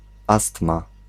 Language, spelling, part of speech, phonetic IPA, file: Polish, astma, noun, [ˈastma], Pl-astma.ogg